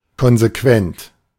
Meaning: 1. consistent 2. firm, uncompromising
- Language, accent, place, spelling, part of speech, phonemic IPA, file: German, Germany, Berlin, konsequent, adjective, /ˌkɔnzeˈkvɛnt/, De-konsequent.ogg